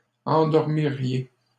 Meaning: second-person plural conditional of endormir
- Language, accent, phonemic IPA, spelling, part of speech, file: French, Canada, /ɑ̃.dɔʁ.mi.ʁje/, endormiriez, verb, LL-Q150 (fra)-endormiriez.wav